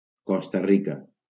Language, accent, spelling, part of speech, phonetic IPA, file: Catalan, Valencia, Costa Rica, proper noun, [ˈkɔs.ta ˈri.ka], LL-Q7026 (cat)-Costa Rica.wav
- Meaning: Costa Rica (a country in Central America)